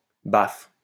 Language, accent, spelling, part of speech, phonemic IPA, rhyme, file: French, France, baffe, noun / verb, /baf/, -af, LL-Q150 (fra)-baffe.wav
- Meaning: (noun) smack; hit (on the head); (verb) inflection of baffer: 1. first/third-person singular present indicative/subjunctive 2. second-person singular imperative